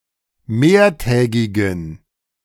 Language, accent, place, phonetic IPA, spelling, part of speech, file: German, Germany, Berlin, [ˈmeːɐ̯ˌtɛːɡɪɡn̩], mehrtägigen, adjective, De-mehrtägigen.ogg
- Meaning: inflection of mehrtägig: 1. strong genitive masculine/neuter singular 2. weak/mixed genitive/dative all-gender singular 3. strong/weak/mixed accusative masculine singular 4. strong dative plural